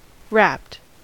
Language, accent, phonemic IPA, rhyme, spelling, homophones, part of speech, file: English, US, /ɹæpt/, -æpt, wrapped, rapped / rapt, verb / adjective / noun, En-us-wrapped.ogg
- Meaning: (verb) simple past and past participle of wrap; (adjective) 1. Encased in a wrapping 2. Misspelling of rapt